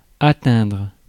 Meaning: 1. to attain 2. to reach 3. to accomplish 4. to achieve 5. to affect
- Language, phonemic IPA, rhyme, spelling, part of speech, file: French, /a.tɛ̃dʁ/, -ɛ̃dʁ, atteindre, verb, Fr-atteindre.ogg